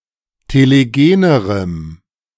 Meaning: strong dative masculine/neuter singular comparative degree of telegen
- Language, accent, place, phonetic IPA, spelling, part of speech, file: German, Germany, Berlin, [teleˈɡeːnəʁəm], telegenerem, adjective, De-telegenerem.ogg